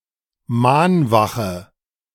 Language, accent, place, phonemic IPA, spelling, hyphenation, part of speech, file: German, Germany, Berlin, /ˈmaːnˌvaχə/, Mahnwache, Mahn‧wa‧che, noun, De-Mahnwache.ogg
- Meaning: candlelight vigil